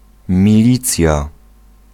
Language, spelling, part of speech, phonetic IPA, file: Polish, milicja, noun, [mʲiˈlʲit͡sʲja], Pl-milicja.ogg